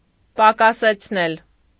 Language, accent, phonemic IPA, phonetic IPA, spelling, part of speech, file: Armenian, Eastern Armenian, /pɑkɑset͡sʰˈnel/, [pɑkɑset͡sʰnél], պակասեցնել, verb, Hy-պակասեցնել.ogg
- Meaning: 1. causative of պակասել (pakasel) 2. to diminish, decrease, lessen, reduce